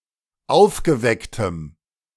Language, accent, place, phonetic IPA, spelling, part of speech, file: German, Germany, Berlin, [ˈaʊ̯fɡəˌvɛktəm], aufgewecktem, adjective, De-aufgewecktem.ogg
- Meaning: strong dative masculine/neuter singular of aufgeweckt